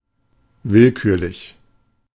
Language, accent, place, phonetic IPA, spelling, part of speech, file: German, Germany, Berlin, [ˈvɪlˌkyːɐ̯lɪç], willkürlich, adjective, De-willkürlich.ogg
- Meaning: arbitrary, random, haphazard